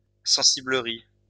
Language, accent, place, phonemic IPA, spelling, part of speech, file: French, France, Lyon, /sɑ̃.si.blə.ʁi/, sensiblerie, noun, LL-Q150 (fra)-sensiblerie.wav
- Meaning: sentimentality